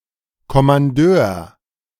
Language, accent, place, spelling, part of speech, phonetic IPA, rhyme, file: German, Germany, Berlin, Kommandeur, noun, [kɔmanˈdøːɐ̯], -øːɐ̯, De-Kommandeur.ogg
- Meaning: commander